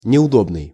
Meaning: 1. uncomfortable, inconvenient 2. awkward
- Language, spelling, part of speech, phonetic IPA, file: Russian, неудобный, adjective, [nʲɪʊˈdobnɨj], Ru-неудобный.ogg